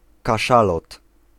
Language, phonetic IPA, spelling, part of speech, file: Polish, [kaˈʃalɔt], kaszalot, noun, Pl-kaszalot.ogg